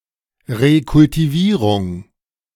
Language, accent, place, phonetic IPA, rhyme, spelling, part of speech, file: German, Germany, Berlin, [ʁekʊltiˈviːʁʊŋ], -iːʁʊŋ, Rekultivierung, noun, De-Rekultivierung.ogg
- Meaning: 1. reclamation (of land) 2. recultivation, revegetation